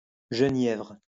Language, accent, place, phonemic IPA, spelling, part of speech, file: French, France, Lyon, /ʒə.njɛvʁ/, genièvre, noun, LL-Q150 (fra)-genièvre.wav
- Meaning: 1. juniper (Juniperus communis) 2. juniper berry 3. jenever